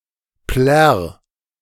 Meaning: 1. singular imperative of plärren 2. first-person singular present of plärren
- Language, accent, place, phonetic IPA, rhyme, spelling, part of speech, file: German, Germany, Berlin, [plɛʁ], -ɛʁ, plärr, verb, De-plärr.ogg